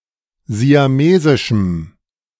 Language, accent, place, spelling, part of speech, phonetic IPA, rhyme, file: German, Germany, Berlin, siamesischem, adjective, [zi̯aˈmeːzɪʃm̩], -eːzɪʃm̩, De-siamesischem.ogg
- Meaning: strong dative masculine/neuter singular of siamesisch